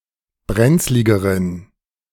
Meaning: inflection of brenzlig: 1. strong genitive masculine/neuter singular comparative degree 2. weak/mixed genitive/dative all-gender singular comparative degree
- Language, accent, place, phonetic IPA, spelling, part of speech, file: German, Germany, Berlin, [ˈbʁɛnt͡slɪɡəʁən], brenzligeren, adjective, De-brenzligeren.ogg